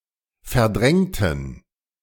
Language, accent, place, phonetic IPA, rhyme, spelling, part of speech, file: German, Germany, Berlin, [fɛɐ̯ˈdʁɛŋtn̩], -ɛŋtn̩, verdrängten, adjective / verb, De-verdrängten.ogg
- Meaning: inflection of verdrängt: 1. strong genitive masculine/neuter singular 2. weak/mixed genitive/dative all-gender singular 3. strong/weak/mixed accusative masculine singular 4. strong dative plural